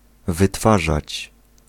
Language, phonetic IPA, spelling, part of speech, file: Polish, [vɨˈtfaʒat͡ɕ], wytwarzać, verb, Pl-wytwarzać.ogg